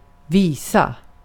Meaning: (adjective) inflection of vis: 1. definite singular 2. plural; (noun) 1. a song, a tune, particularly one with a simple melody, where the primary focus is the lyrics 2. indefinite plural of visum
- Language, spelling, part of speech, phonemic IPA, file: Swedish, visa, adjective / noun / verb, /ˈviːˌsa/, Sv-visa.ogg